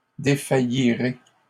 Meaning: second-person plural simple future of défaillir
- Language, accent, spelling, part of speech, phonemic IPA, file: French, Canada, défaillirez, verb, /de.fa.ji.ʁe/, LL-Q150 (fra)-défaillirez.wav